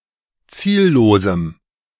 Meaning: strong dative masculine/neuter singular of ziellos
- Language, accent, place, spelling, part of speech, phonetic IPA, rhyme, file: German, Germany, Berlin, ziellosem, adjective, [ˈt͡siːlloːzm̩], -iːlloːzm̩, De-ziellosem.ogg